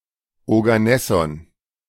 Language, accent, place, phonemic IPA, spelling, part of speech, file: German, Germany, Berlin, /oɡaˈnɛsɔn/, Oganesson, noun, De-Oganesson.ogg
- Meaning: oganesson